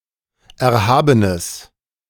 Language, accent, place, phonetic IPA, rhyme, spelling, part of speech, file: German, Germany, Berlin, [ˌɛɐ̯ˈhaːbənəs], -aːbənəs, erhabenes, adjective, De-erhabenes.ogg
- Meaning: strong/mixed nominative/accusative neuter singular of erhaben